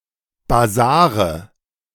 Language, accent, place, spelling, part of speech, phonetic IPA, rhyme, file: German, Germany, Berlin, Basare, noun, [baˈzaːʁə], -aːʁə, De-Basare.ogg
- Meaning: nominative/accusative/genitive plural of Basar